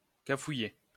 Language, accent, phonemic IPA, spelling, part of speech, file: French, France, /ka.fu.je/, cafouiller, verb, LL-Q150 (fra)-cafouiller.wav
- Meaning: to play up, be in a mess, fall apart